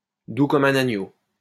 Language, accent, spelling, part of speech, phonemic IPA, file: French, France, doux comme un agneau, adjective, /du kɔ.m‿œ̃.n‿a.ɲo/, LL-Q150 (fra)-doux comme un agneau.wav
- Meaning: very gentle; meek as a lamb